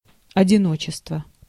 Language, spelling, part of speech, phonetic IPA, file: Russian, одиночество, noun, [ɐdʲɪˈnot͡ɕɪstvə], Ru-одиночество.ogg
- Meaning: loneliness, solitude